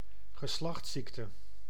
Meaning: venereal disease
- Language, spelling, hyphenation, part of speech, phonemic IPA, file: Dutch, geslachtsziekte, ge‧slachts‧ziek‧te, noun, /ɣəˈslɑxtˌsik.tə/, Nl-geslachtsziekte.ogg